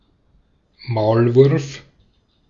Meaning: 1. mole (small, burrowing insectivore of the family Talpidae) 2. mole (internal spy)
- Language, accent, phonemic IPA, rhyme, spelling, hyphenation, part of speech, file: German, Austria, /ˈmaʊ̯lˌvʊʁf/, -ʊʁf, Maulwurf, Maul‧wurf, noun, De-at-Maulwurf.ogg